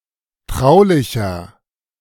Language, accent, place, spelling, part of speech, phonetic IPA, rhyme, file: German, Germany, Berlin, traulicher, adjective, [ˈtʁaʊ̯lɪçɐ], -aʊ̯lɪçɐ, De-traulicher.ogg
- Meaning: 1. comparative degree of traulich 2. inflection of traulich: strong/mixed nominative masculine singular 3. inflection of traulich: strong genitive/dative feminine singular